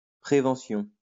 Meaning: prevention
- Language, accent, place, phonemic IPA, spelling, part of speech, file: French, France, Lyon, /pʁe.vɑ̃.sjɔ̃/, prévention, noun, LL-Q150 (fra)-prévention.wav